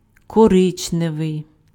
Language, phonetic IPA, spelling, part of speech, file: Ukrainian, [kɔˈrɪt͡ʃneʋei̯], коричневий, adjective, Uk-коричневий.ogg
- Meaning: cinnamon, brown (color)